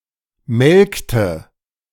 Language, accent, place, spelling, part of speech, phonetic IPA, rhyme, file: German, Germany, Berlin, melkte, verb, [ˈmɛlktə], -ɛlktə, De-melkte.ogg
- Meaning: inflection of melken: 1. first/third-person singular preterite 2. first/third-person singular subjunctive II